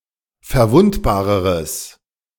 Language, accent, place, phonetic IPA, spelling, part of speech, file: German, Germany, Berlin, [fɛɐ̯ˈvʊntbaːʁəʁəs], verwundbareres, adjective, De-verwundbareres.ogg
- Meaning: strong/mixed nominative/accusative neuter singular comparative degree of verwundbar